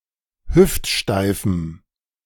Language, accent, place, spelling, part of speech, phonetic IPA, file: German, Germany, Berlin, hüftsteifem, adjective, [ˈhʏftˌʃtaɪ̯fm̩], De-hüftsteifem.ogg
- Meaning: strong dative masculine/neuter singular of hüftsteif